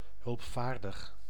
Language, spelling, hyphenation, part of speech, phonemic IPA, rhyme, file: Dutch, hulpvaardig, hulp‧vaar‧dig, adjective, /ˌɦʏlpˈfaːr.dəx/, -aːrdəx, Nl-hulpvaardig.ogg
- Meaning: helpful